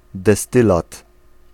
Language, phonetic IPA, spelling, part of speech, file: Polish, [dɛˈstɨlat], destylat, noun, Pl-destylat.ogg